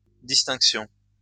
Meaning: plural of distinction
- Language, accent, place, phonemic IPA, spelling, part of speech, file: French, France, Lyon, /dis.tɛ̃k.sjɔ̃/, distinctions, noun, LL-Q150 (fra)-distinctions.wav